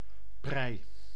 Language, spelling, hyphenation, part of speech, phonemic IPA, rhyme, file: Dutch, prei, prei, noun, /prɛi̯/, -ɛi̯, Nl-prei.ogg
- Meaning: leek (a stem vegetable, Allium ampeloprasum syn. Allium porrum)